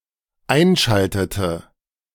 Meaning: inflection of einschalten: 1. first/third-person singular dependent preterite 2. first/third-person singular dependent subjunctive II
- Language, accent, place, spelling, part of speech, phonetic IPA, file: German, Germany, Berlin, einschaltete, verb, [ˈaɪ̯nˌʃaltətə], De-einschaltete.ogg